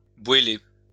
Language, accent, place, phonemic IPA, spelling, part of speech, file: French, France, Lyon, /bwe.le/, bouéler, verb, LL-Q150 (fra)-bouéler.wav
- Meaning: to complain